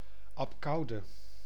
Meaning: a village and former municipality of De Ronde Venen, Utrecht, Netherlands
- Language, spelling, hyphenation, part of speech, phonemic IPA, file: Dutch, Abcoude, Ab‧cou‧de, proper noun, /ɑpˈkɑu̯.də/, Nl-Abcoude.ogg